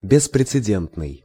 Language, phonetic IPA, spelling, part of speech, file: Russian, [bʲɪsprʲɪt͡sɨˈdʲentnɨj], беспрецедентный, adjective, Ru-беспрецедентный.ogg
- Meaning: unprecedented, unparalleled